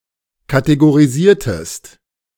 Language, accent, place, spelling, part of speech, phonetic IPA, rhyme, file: German, Germany, Berlin, kategorisiertest, verb, [kateɡoʁiˈziːɐ̯təst], -iːɐ̯təst, De-kategorisiertest.ogg
- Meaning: inflection of kategorisieren: 1. second-person singular preterite 2. second-person singular subjunctive II